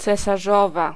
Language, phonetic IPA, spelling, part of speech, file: Polish, [ˌt͡sɛsaˈʒɔva], cesarzowa, noun, Pl-cesarzowa.ogg